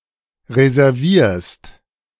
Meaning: second-person singular present of reservieren
- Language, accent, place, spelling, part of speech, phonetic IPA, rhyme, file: German, Germany, Berlin, reservierst, verb, [ʁezɛʁˈviːɐ̯st], -iːɐ̯st, De-reservierst.ogg